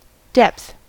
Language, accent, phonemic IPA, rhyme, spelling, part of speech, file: English, US, /dɛpθ/, -ɛpθ, depth, noun, En-us-depth.ogg
- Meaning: 1. the vertical distance below a surface; the degree to which something is deep 2. the distance between the front and the back, as the depth of a drawer or closet